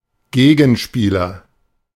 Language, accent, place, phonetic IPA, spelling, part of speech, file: German, Germany, Berlin, [ˈɡeːɡn̩ʃpiːlɐ], Gegenspieler, noun, De-Gegenspieler.ogg
- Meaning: 1. opponent 2. adversary, antagonist